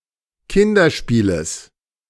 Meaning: genitive singular of Kinderspiel
- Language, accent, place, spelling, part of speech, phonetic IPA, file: German, Germany, Berlin, Kinderspieles, noun, [ˈkɪndɐˌʃpiːləs], De-Kinderspieles.ogg